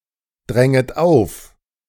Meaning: second-person plural subjunctive I of aufdrängen
- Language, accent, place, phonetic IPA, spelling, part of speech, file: German, Germany, Berlin, [ˌdʁɛŋət ˈaʊ̯f], dränget auf, verb, De-dränget auf.ogg